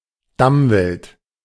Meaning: fallow deer
- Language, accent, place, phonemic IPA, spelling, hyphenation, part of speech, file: German, Germany, Berlin, /ˈdamˌvɪlt/, Damwild, Dam‧wild, noun, De-Damwild.ogg